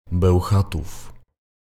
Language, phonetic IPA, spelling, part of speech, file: Polish, [bɛwˈxatuf], Bełchatów, proper noun, Pl-Bełchatów.ogg